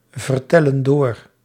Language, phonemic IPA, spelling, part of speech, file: Dutch, /vərˈtɛlə(n) ˈdor/, vertellen door, verb, Nl-vertellen door.ogg
- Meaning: inflection of doorvertellen: 1. plural present indicative 2. plural present subjunctive